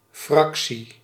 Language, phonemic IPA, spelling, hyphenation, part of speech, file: Dutch, /ˈfrɑksi/, fractie, frac‧tie, noun, Nl-fractie.ogg
- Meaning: 1. fraction 2. parliamentary party (all the members in parliament who belong to a given political party)